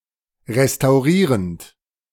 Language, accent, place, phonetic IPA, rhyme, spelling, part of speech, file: German, Germany, Berlin, [ʁestaʊ̯ˈʁiːʁənt], -iːʁənt, restaurierend, verb, De-restaurierend.ogg
- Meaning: present participle of restaurieren